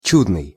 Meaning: 1. marvelous, wonderful 2. beautiful 3. excellent
- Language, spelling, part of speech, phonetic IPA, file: Russian, чудный, adjective, [ˈt͡ɕudnɨj], Ru-чудный.ogg